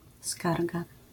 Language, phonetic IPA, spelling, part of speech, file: Polish, [ˈskarɡa], skarga, noun, LL-Q809 (pol)-skarga.wav